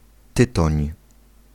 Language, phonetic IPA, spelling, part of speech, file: Polish, [ˈtɨtɔ̃ɲ], tytoń, noun, Pl-tytoń.ogg